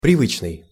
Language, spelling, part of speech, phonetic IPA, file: Russian, привычный, adjective, [prʲɪˈvɨt͡ɕnɨj], Ru-привычный.ogg
- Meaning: 1. habitual, customary, usual 2. accustomed (to)